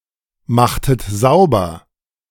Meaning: inflection of saubermachen: 1. second-person plural preterite 2. second-person plural subjunctive II
- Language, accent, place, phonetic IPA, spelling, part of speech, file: German, Germany, Berlin, [ˌmaxtət ˈzaʊ̯bɐ], machtet sauber, verb, De-machtet sauber.ogg